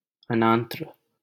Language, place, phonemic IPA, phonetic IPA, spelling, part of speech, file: Hindi, Delhi, /ə.nɑːn.t̪ɾᵊ/, [ɐ.nä̃ːn̪.t̪ɾᵊ], अनांत्र, noun, LL-Q1568 (hin)-अनांत्र.wav
- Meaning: 1. cestoda 2. Cestoda